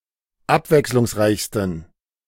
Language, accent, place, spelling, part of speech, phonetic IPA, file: German, Germany, Berlin, abwechslungsreichsten, adjective, [ˈapvɛkslʊŋsˌʁaɪ̯çstn̩], De-abwechslungsreichsten.ogg
- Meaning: 1. superlative degree of abwechslungsreich 2. inflection of abwechslungsreich: strong genitive masculine/neuter singular superlative degree